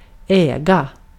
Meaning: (noun) an estate, grounds, property, land; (verb) 1. to own 2. to own, to pwn
- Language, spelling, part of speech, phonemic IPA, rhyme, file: Swedish, äga, noun / verb, /²ɛːɡa/, -²ɛːɡa, Sv-äga.ogg